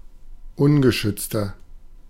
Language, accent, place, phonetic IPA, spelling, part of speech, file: German, Germany, Berlin, [ˈʊnɡəˌʃʏt͡stɐ], ungeschützter, adjective, De-ungeschützter.ogg
- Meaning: 1. comparative degree of ungeschützt 2. inflection of ungeschützt: strong/mixed nominative masculine singular 3. inflection of ungeschützt: strong genitive/dative feminine singular